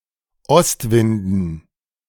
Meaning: dative plural of Ostwind
- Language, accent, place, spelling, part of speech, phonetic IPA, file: German, Germany, Berlin, Ostwinden, noun, [ˈɔstˌvɪndn̩], De-Ostwinden.ogg